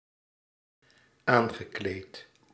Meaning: past participle of aankleden
- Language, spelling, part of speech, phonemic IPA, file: Dutch, aangekleed, adjective / verb, /ˈaŋɣəˌklet/, Nl-aangekleed.ogg